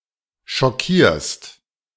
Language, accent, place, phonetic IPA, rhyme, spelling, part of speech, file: German, Germany, Berlin, [ʃɔˈkiːɐ̯st], -iːɐ̯st, schockierst, verb, De-schockierst.ogg
- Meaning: second-person singular present of schockieren